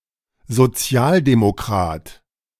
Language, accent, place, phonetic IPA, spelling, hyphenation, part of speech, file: German, Germany, Berlin, [zoˈt͡si̯aːldemoˌkʁaːt], Sozialdemokrat, So‧zi‧al‧de‧mo‧krat, noun, De-Sozialdemokrat.ogg
- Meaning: social democrat